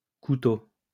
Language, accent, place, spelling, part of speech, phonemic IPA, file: French, France, Lyon, couteaux, noun, /ku.to/, LL-Q150 (fra)-couteaux.wav
- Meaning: plural of couteau